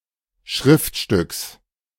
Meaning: genitive singular of Schriftstück
- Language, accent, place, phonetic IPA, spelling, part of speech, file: German, Germany, Berlin, [ˈʃʁɪftˌʃtʏks], Schriftstücks, noun, De-Schriftstücks.ogg